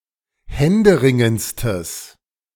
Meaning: strong/mixed nominative/accusative neuter singular superlative degree of händeringend
- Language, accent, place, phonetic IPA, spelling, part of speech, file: German, Germany, Berlin, [ˈhɛndəˌʁɪŋənt͡stəs], händeringendstes, adjective, De-händeringendstes.ogg